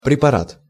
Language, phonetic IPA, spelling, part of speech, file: Russian, [prʲɪpɐˈrat], препарат, noun, Ru-препарат.ogg
- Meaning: 1. a prepared specimen; a specimen mounted on a microscope slide 2. medicine, drug, preparation (a prepared medicinal substance)